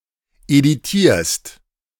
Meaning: inflection of edieren: 1. second-person singular preterite 2. second-person singular subjunctive II
- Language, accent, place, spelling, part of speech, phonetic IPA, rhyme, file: German, Germany, Berlin, ediertest, verb, [eˈdiːɐ̯təst], -iːɐ̯təst, De-ediertest.ogg